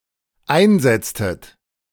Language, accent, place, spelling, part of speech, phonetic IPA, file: German, Germany, Berlin, einsetztet, verb, [ˈaɪ̯nˌzɛt͡stət], De-einsetztet.ogg
- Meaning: inflection of einsetzen: 1. second-person plural dependent preterite 2. second-person plural dependent subjunctive II